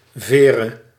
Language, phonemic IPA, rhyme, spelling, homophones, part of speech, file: Dutch, /ˈveː.rə/, -eːrə, vere, Veere, verb / noun, Nl-vere.ogg
- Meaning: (verb) singular present subjunctive of veren; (noun) dative singular of veer